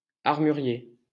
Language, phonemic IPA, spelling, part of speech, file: French, /aʁ.my.ʁje/, armurier, noun, LL-Q150 (fra)-armurier.wav
- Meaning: armorer (manufacturer of weapons): 1. gunsmith 2. weaponsmith